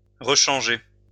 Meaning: to change again
- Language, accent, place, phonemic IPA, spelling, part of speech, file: French, France, Lyon, /ʁə.ʃɑ̃.ʒe/, rechanger, verb, LL-Q150 (fra)-rechanger.wav